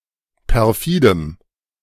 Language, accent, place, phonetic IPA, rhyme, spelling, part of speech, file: German, Germany, Berlin, [pɛʁˈfiːdəm], -iːdəm, perfidem, adjective, De-perfidem.ogg
- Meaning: strong dative masculine/neuter singular of perfide